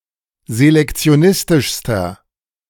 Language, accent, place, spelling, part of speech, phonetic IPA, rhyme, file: German, Germany, Berlin, selektionistischster, adjective, [zelɛkt͡si̯oˈnɪstɪʃstɐ], -ɪstɪʃstɐ, De-selektionistischster.ogg
- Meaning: inflection of selektionistisch: 1. strong/mixed nominative masculine singular superlative degree 2. strong genitive/dative feminine singular superlative degree